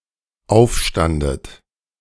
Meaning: second-person plural dependent preterite of aufstehen
- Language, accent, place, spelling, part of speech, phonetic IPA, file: German, Germany, Berlin, aufstandet, verb, [ˈaʊ̯fˌʃtandət], De-aufstandet.ogg